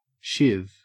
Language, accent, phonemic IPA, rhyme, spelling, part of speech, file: English, Australia, /ʃɪv/, -ɪv, shiv, noun / verb, En-au-shiv.ogg
- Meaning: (noun) 1. A knife, especially a makeshift one fashioned from something not normally used as a weapon (like a plastic spoon or a toothbrush) 2. A particular woody by-product of processing flax or hemp